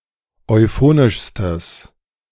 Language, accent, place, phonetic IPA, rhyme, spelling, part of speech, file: German, Germany, Berlin, [ɔɪ̯ˈfoːnɪʃstəs], -oːnɪʃstəs, euphonischstes, adjective, De-euphonischstes.ogg
- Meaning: strong/mixed nominative/accusative neuter singular superlative degree of euphonisch